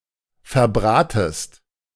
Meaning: second-person singular subjunctive I of verbraten
- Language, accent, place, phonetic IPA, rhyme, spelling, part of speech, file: German, Germany, Berlin, [fɛɐ̯ˈbʁaːtəst], -aːtəst, verbratest, verb, De-verbratest.ogg